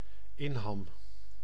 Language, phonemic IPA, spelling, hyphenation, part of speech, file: Dutch, /ˈɪn.ɦɑm/, inham, in‧ham, noun, Nl-inham.ogg
- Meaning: inlet